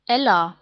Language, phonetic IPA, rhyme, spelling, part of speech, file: German, [ˈɛla], -ɛla, Ella, proper noun, De-Ella.ogg
- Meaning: a female given name, equivalent to English Ella